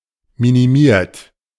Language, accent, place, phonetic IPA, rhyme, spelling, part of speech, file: German, Germany, Berlin, [ˌminiˈmiːɐ̯t], -iːɐ̯t, minimiert, verb, De-minimiert.ogg
- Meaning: 1. past participle of minimieren 2. inflection of minimieren: third-person singular present 3. inflection of minimieren: second-person plural present 4. inflection of minimieren: plural imperative